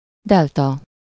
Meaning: 1. delta (Greek letter) 2. delta (landform at the mouth of a river)
- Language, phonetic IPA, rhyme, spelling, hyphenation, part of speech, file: Hungarian, [ˈdɛltɒ], -tɒ, delta, del‧ta, noun, Hu-delta.ogg